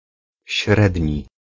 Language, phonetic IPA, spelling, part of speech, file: Polish, [ˈɕrɛdʲɲi], średni, adjective, Pl-średni.ogg